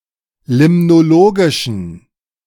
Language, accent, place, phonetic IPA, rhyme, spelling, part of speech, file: German, Germany, Berlin, [ˌlɪmnoˈloːɡɪʃn̩], -oːɡɪʃn̩, limnologischen, adjective, De-limnologischen.ogg
- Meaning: inflection of limnologisch: 1. strong genitive masculine/neuter singular 2. weak/mixed genitive/dative all-gender singular 3. strong/weak/mixed accusative masculine singular 4. strong dative plural